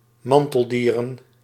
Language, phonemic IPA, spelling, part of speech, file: Dutch, /ˈmɑntəlˌdirə(n)/, manteldieren, noun, Nl-manteldieren.ogg
- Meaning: plural of manteldier